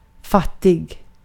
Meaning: poor (with little possessions or money)
- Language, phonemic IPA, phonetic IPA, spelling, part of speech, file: Swedish, /ˈfaˌtɪɡ/, [ˈfaˌtːɪɡ], fattig, adjective, Sv-fattig.ogg